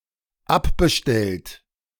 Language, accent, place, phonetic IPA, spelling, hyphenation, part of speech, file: German, Germany, Berlin, [ˈapbəˌʃtɛlt], abbestellt, ab‧be‧stellt, verb / adjective, De-abbestellt.ogg
- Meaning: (verb) past participle of abbestellen; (adjective) canceled (subscription, ordered taxi etc.); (verb) inflection of abbestellen: third-person singular dependent present